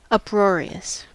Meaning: 1. Causing, or likely to cause, an uproar 2. Characterized by uproar, that is, loud, confused noise, or by noisy and uncontrollable laughter 3. Extremely funny; hilarious
- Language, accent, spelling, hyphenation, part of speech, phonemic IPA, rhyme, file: English, General American, uproarious, up‧roar‧i‧ous, adjective, /ˌʌpˈɹɔ.ɹi.əs/, -ɔːɹiəs, En-us-uproarious.ogg